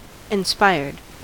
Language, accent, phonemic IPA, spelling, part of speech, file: English, US, /ɪnˈspaɪɹd/, inspired, adjective / verb, En-us-inspired.ogg
- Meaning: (adjective) 1. Having excellence through inspiration 2. Filled with inspiration or motivated